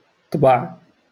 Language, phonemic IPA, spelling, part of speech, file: Moroccan Arabic, /tˤbaʕ/, طبع, verb, LL-Q56426 (ary)-طبع.wav
- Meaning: to print, imprint, stamp